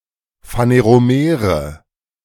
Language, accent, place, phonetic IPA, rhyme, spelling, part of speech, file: German, Germany, Berlin, [faneʁoˈmeːʁə], -eːʁə, phaneromere, adjective, De-phaneromere.ogg
- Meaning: inflection of phaneromer: 1. strong/mixed nominative/accusative feminine singular 2. strong nominative/accusative plural 3. weak nominative all-gender singular